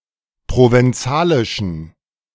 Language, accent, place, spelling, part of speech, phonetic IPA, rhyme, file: German, Germany, Berlin, provenzalischen, adjective, [ˌpʁovɛnˈt͡saːlɪʃn̩], -aːlɪʃn̩, De-provenzalischen.ogg
- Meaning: inflection of provenzalisch: 1. strong genitive masculine/neuter singular 2. weak/mixed genitive/dative all-gender singular 3. strong/weak/mixed accusative masculine singular 4. strong dative plural